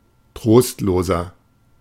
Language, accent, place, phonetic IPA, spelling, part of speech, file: German, Germany, Berlin, [ˈtʁoːstloːzɐ], trostloser, adjective, De-trostloser.ogg
- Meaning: 1. comparative degree of trostlos 2. inflection of trostlos: strong/mixed nominative masculine singular 3. inflection of trostlos: strong genitive/dative feminine singular